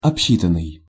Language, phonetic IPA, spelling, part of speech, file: Russian, [ɐpˈɕːitən(ː)ɨj], обсчитанный, verb, Ru-обсчитанный.ogg
- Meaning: past passive perfective participle of обсчита́ть (obsčitátʹ)